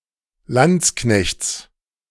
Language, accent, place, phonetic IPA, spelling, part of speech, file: German, Germany, Berlin, [ˈlant͡sˌknɛçt͡s], Landsknechts, noun, De-Landsknechts.ogg
- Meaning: genitive singular of Landsknecht